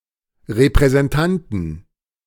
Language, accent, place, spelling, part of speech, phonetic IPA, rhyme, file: German, Germany, Berlin, Repräsentanten, noun, [ʁepʁɛzɛnˈtantn̩], -antn̩, De-Repräsentanten.ogg
- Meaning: plural of Repräsentant